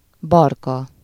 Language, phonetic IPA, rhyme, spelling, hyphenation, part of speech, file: Hungarian, [ˈbɒrkɒ], -kɒ, barka, bar‧ka, noun, Hu-barka.ogg
- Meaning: 1. catkin, ament (a type of inflorescence) 2. velvet (the fine hairy layer of skin covering the young antlers of a deer)